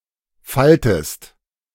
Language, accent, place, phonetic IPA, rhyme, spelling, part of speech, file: German, Germany, Berlin, [ˈfaltəst], -altəst, faltest, verb, De-faltest.ogg
- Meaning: inflection of falten: 1. second-person singular present 2. second-person singular subjunctive I